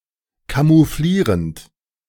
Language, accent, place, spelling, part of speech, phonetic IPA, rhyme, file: German, Germany, Berlin, camouflierend, verb, [kamuˈfliːʁənt], -iːʁənt, De-camouflierend.ogg
- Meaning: present participle of camouflieren